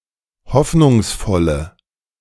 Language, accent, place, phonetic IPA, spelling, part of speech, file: German, Germany, Berlin, [ˈhɔfnʊŋsˌfɔlə], hoffnungsvolle, adjective, De-hoffnungsvolle.ogg
- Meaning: inflection of hoffnungsvoll: 1. strong/mixed nominative/accusative feminine singular 2. strong nominative/accusative plural 3. weak nominative all-gender singular